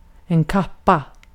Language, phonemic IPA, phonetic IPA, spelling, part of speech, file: Swedish, /ˈkaˌpːa/, [ˈcʰapːa], kappa, noun, Sv-kappa.ogg
- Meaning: 1. women's overcoat 2. pelmet